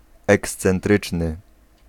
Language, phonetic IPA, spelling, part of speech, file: Polish, [ˌɛkst͡sɛ̃nˈtrɨt͡ʃnɨ], ekscentryczny, adjective, Pl-ekscentryczny.ogg